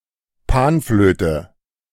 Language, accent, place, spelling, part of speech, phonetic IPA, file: German, Germany, Berlin, Panflöte, noun, [ˈpaːnˌfløːtə], De-Panflöte.ogg
- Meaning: pan flute